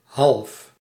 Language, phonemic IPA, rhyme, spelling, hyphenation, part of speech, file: Dutch, /ɦɑlf/, -ɑlf, half, half, adjective, Nl-half.ogg
- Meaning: 1. half 2. half before the next whole 3. the middle of that month